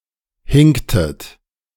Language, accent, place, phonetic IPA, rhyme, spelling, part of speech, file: German, Germany, Berlin, [ˈhɪŋktət], -ɪŋktət, hinktet, verb, De-hinktet.ogg
- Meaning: inflection of hinken: 1. second-person plural preterite 2. second-person plural subjunctive II